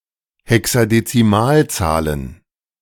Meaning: plural of Hexadezimalzahl
- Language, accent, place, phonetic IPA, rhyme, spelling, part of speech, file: German, Germany, Berlin, [hɛksadetsiˈmaːlˌt͡saːlən], -aːlt͡saːlən, Hexadezimalzahlen, noun, De-Hexadezimalzahlen.ogg